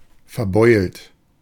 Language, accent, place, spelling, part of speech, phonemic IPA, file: German, Germany, Berlin, verbeult, verb / adjective, /fɛɐ̯ˈbɔɪ̯lt/, De-verbeult.ogg
- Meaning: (verb) past participle of verbeulen; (adjective) battered, dented